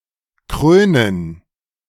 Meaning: to crown
- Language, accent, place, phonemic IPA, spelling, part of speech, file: German, Germany, Berlin, /ˈkʁøːnən/, krönen, verb, De-krönen.ogg